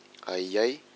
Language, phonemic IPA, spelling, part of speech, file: Malagasy, /aʔiaʔʲ/, ahiahy, noun, Mg-ahiahy.ogg
- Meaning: concern